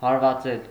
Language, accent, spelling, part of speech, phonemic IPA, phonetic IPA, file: Armenian, Eastern Armenian, հարվածել, verb, /hɑɾvɑˈt͡sel/, [hɑɾvɑt͡sél], Hy-հարվածել.ogg
- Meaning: to hit, to strike